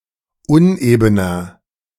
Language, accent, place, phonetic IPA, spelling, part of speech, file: German, Germany, Berlin, [ˈʊnʔeːbənɐ], unebener, adjective, De-unebener.ogg
- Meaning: 1. comparative degree of uneben 2. inflection of uneben: strong/mixed nominative masculine singular 3. inflection of uneben: strong genitive/dative feminine singular